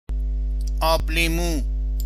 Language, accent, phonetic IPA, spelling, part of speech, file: Persian, Iran, [ɒ́ːb.liː.múː], آبلیمو, noun, Fa-آبلیمو.ogg
- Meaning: 1. lemon juice 2. lime juice 3. lemonade 4. limeade